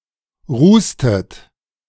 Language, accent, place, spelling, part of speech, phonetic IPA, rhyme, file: German, Germany, Berlin, rußtet, verb, [ˈʁuːstət], -uːstət, De-rußtet.ogg
- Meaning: inflection of rußen: 1. second-person plural preterite 2. second-person plural subjunctive II